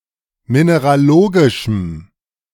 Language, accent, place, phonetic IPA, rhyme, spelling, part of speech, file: German, Germany, Berlin, [ˌmineʁaˈloːɡɪʃm̩], -oːɡɪʃm̩, mineralogischem, adjective, De-mineralogischem.ogg
- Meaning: strong dative masculine/neuter singular of mineralogisch